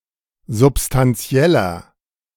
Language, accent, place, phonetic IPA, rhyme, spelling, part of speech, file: German, Germany, Berlin, [zʊpstanˈt͡si̯ɛlɐ], -ɛlɐ, substantieller, adjective, De-substantieller.ogg
- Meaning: 1. comparative degree of substantiell 2. inflection of substantiell: strong/mixed nominative masculine singular 3. inflection of substantiell: strong genitive/dative feminine singular